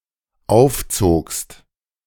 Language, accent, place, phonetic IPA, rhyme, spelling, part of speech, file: German, Germany, Berlin, [ˈaʊ̯fˌt͡soːkst], -aʊ̯ft͡soːkst, aufzogst, verb, De-aufzogst.ogg
- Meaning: second-person singular dependent preterite of aufziehen